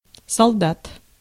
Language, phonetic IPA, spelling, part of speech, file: Russian, [sɐɫˈdat], солдат, noun, Ru-солдат.ogg
- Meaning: soldier (male or female)